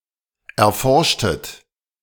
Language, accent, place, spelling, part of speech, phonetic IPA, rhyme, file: German, Germany, Berlin, erforschtet, verb, [ɛɐ̯ˈfɔʁʃtət], -ɔʁʃtət, De-erforschtet.ogg
- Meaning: inflection of erforschen: 1. second-person plural preterite 2. second-person plural subjunctive II